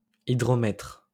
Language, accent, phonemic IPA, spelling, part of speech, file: French, France, /i.dʁɔ.mɛtʁ/, hydromètre, noun, LL-Q150 (fra)-hydromètre.wav
- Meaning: 1. hydrometer 2. water measurer